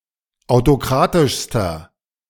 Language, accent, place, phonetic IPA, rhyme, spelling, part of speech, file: German, Germany, Berlin, [aʊ̯toˈkʁaːtɪʃstɐ], -aːtɪʃstɐ, autokratischster, adjective, De-autokratischster.ogg
- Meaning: inflection of autokratisch: 1. strong/mixed nominative masculine singular superlative degree 2. strong genitive/dative feminine singular superlative degree 3. strong genitive plural superlative degree